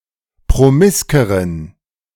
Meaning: inflection of promisk: 1. strong genitive masculine/neuter singular comparative degree 2. weak/mixed genitive/dative all-gender singular comparative degree
- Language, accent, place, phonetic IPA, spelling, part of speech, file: German, Germany, Berlin, [pʁoˈmɪskəʁən], promiskeren, adjective, De-promiskeren.ogg